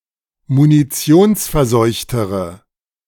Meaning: inflection of munitionsverseucht: 1. strong/mixed nominative/accusative feminine singular comparative degree 2. strong nominative/accusative plural comparative degree
- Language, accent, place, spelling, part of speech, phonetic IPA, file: German, Germany, Berlin, munitionsverseuchtere, adjective, [muniˈt͡si̯oːnsfɛɐ̯ˌzɔɪ̯çtəʁə], De-munitionsverseuchtere.ogg